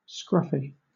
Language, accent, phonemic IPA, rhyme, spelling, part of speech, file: English, Southern England, /ˈskɹʌf.i/, -ʌfi, scruffy, adjective / noun, LL-Q1860 (eng)-scruffy.wav
- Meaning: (adjective) 1. Untidy in appearance; scrubby; shabby 2. Scurfy